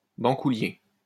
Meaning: candlenut (of species Aleurites moluccana)
- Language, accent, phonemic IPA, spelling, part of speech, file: French, France, /bɑ̃.ku.lje/, bancoulier, noun, LL-Q150 (fra)-bancoulier.wav